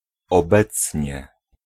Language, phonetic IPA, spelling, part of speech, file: Polish, [ɔˈbɛt͡sʲɲɛ], obecnie, adverb, Pl-obecnie.ogg